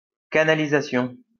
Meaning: 1. pipe 2. channeling
- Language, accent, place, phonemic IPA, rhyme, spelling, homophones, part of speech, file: French, France, Lyon, /ka.na.li.za.sjɔ̃/, -jɔ̃, canalisation, canalisations, noun, LL-Q150 (fra)-canalisation.wav